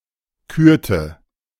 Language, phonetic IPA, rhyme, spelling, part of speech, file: German, [ˈkyːɐ̯tə], -yːɐ̯tə, kürte, verb, De-kürte.oga
- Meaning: inflection of küren: 1. first/third-person singular preterite 2. first/third-person singular subjunctive II